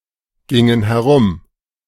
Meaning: inflection of herumgehen: 1. first/third-person plural preterite 2. first/third-person plural subjunctive II
- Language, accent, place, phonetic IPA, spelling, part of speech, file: German, Germany, Berlin, [ˌɡɪŋən hɛˈʁʊm], gingen herum, verb, De-gingen herum.ogg